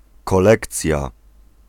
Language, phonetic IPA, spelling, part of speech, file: Polish, [kɔˈlɛkt͡sʲja], kolekcja, noun, Pl-kolekcja.ogg